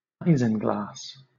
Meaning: A form of gelatin obtained from the air bladder of the sturgeon and certain other fish, used as an adhesive and as a clarifying agent for wine and beer
- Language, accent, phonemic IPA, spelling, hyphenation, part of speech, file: English, Southern England, /ˈaɪzɪŋɡlɑːs/, isinglass, i‧sin‧glass, noun, LL-Q1860 (eng)-isinglass.wav